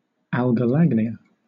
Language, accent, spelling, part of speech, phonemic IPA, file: English, Southern England, algolagnia, noun, /alɡə(ʊ)ˈlaɡnɪə/, LL-Q1860 (eng)-algolagnia.wav
- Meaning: A physical condition that causes a person to gain sexual pleasure by suffering pain, particularly to erogenous zones